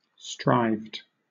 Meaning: simple past and past participle of strive
- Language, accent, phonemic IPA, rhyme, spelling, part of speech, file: English, Southern England, /ˈstɹaɪvd/, -aɪvd, strived, verb, LL-Q1860 (eng)-strived.wav